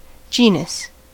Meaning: A category in the classification of organisms, ranking below family (Lat. familia) and above species
- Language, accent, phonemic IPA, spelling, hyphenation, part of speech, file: English, US, /ˈd͡ʒiːnəs/, genus, ge‧nus, noun, En-us-genus.ogg